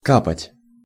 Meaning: 1. to drip, to drop, to spill 2. to squeal, to inform, to dob
- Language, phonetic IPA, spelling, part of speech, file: Russian, [ˈkapətʲ], капать, verb, Ru-капать.ogg